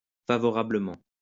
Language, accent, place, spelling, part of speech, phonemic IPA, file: French, France, Lyon, favorablement, adverb, /fa.vɔ.ʁa.blə.mɑ̃/, LL-Q150 (fra)-favorablement.wav
- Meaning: favorably